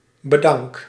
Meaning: inflection of bedanken: 1. first-person singular present indicative 2. second-person singular present indicative 3. imperative
- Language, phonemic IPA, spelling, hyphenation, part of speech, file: Dutch, /bəˈdɑŋk/, bedank, be‧dank, verb, Nl-bedank.ogg